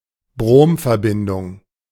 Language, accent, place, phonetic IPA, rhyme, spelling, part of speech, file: German, Germany, Berlin, [ˈbʁoːmfɛɐ̯ˌbɪndʊŋ], -oːmfɛɐ̯bɪndʊŋ, Bromverbindung, noun, De-Bromverbindung.ogg
- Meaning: bromine compound